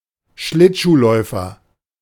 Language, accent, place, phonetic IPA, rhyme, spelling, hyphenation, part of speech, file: German, Germany, Berlin, [ˈʃlɪtʃuːˌlɔɪ̯fɐ], -ɔɪ̯fɐ, Schlittschuhläufer, Schlitt‧schuh‧läu‧fer, noun, De-Schlittschuhläufer.ogg
- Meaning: ice skater